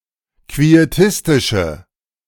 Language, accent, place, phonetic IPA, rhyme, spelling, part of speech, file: German, Germany, Berlin, [kvieˈtɪstɪʃə], -ɪstɪʃə, quietistische, adjective, De-quietistische.ogg
- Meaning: inflection of quietistisch: 1. strong/mixed nominative/accusative feminine singular 2. strong nominative/accusative plural 3. weak nominative all-gender singular